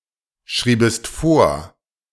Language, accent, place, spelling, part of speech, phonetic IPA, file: German, Germany, Berlin, schriebest vor, verb, [ˌʃʁiːbəst ˈfoːɐ̯], De-schriebest vor.ogg
- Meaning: second-person singular subjunctive II of vorschreiben